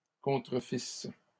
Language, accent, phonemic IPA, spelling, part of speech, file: French, Canada, /kɔ̃.tʁə.fis/, contrefissent, verb, LL-Q150 (fra)-contrefissent.wav
- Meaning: third-person plural imperfect subjunctive of contrefaire